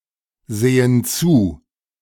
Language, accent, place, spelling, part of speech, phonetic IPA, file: German, Germany, Berlin, sehen zu, verb, [ˌzeːən ˈt͡suː], De-sehen zu.ogg
- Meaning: inflection of zusehen: 1. first/third-person plural present 2. first/third-person plural subjunctive I